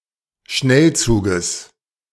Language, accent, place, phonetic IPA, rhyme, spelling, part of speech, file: German, Germany, Berlin, [ˈʃnɛlˌt͡suːɡəs], -ɛlt͡suːɡəs, Schnellzuges, noun, De-Schnellzuges.ogg
- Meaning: genitive singular of Schnellzug